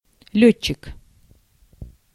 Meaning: airman, pilot, flyer, aviator
- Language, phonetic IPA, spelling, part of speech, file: Russian, [ˈlʲɵt͡ɕːɪk], лётчик, noun, Ru-лётчик.ogg